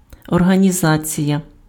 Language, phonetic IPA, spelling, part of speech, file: Ukrainian, [ɔrɦɐnʲiˈzat͡sʲijɐ], організація, noun, Uk-організація.ogg
- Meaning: organization